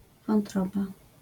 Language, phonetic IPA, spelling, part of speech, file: Polish, [vɔ̃nˈtrɔba], wątroba, noun, LL-Q809 (pol)-wątroba.wav